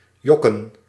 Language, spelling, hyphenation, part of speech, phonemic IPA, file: Dutch, jokken, jok‧ken, verb, /ˈjɔ.kə(n)/, Nl-jokken.ogg
- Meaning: to fib, to tell an inconsequential lie